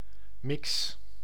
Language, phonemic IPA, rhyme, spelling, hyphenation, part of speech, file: Dutch, /mɪks/, -ɪks, mix, mix, noun / verb, Nl-mix.ogg
- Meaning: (noun) 1. mix, mixture 2. hybrid; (verb) inflection of mixen: 1. first-person singular present indicative 2. second-person singular present indicative 3. imperative